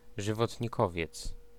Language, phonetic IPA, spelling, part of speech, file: Polish, [ˌʒɨvɔtʲɲiˈkɔvʲjɛt͡s], żywotnikowiec, noun, Pl-żywotnikowiec.ogg